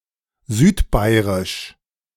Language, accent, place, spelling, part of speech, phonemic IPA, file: German, Germany, Berlin, südbairisch, adjective, /ˈzyːtˌbaɪ̯ʁɪʃ/, De-südbairisch.ogg
- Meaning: South Bavarian